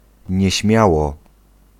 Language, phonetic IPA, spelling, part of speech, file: Polish, [ɲɛ̇ˈɕmʲjawɔ], nieśmiało, adverb, Pl-nieśmiało.ogg